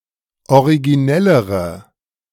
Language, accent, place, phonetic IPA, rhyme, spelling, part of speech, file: German, Germany, Berlin, [oʁiɡiˈnɛləʁə], -ɛləʁə, originellere, adjective, De-originellere.ogg
- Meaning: inflection of originell: 1. strong/mixed nominative/accusative feminine singular comparative degree 2. strong nominative/accusative plural comparative degree